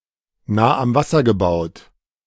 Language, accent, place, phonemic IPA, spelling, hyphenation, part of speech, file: German, Germany, Berlin, /ˈnaː am ˈvasɐ ɡəˈbaʊ̯t/, nah am Wasser gebaut, nah am Was‧ser ge‧baut, adjective, De-nah am Wasser gebaut.ogg
- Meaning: 1. prone to crying, who tends to cry easily 2. Used other than figuratively or idiomatically: see nah, am, Wasser, gebaut